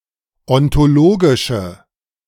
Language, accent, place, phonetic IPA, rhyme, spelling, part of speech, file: German, Germany, Berlin, [ɔntoˈloːɡɪʃə], -oːɡɪʃə, ontologische, adjective, De-ontologische.ogg
- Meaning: inflection of ontologisch: 1. strong/mixed nominative/accusative feminine singular 2. strong nominative/accusative plural 3. weak nominative all-gender singular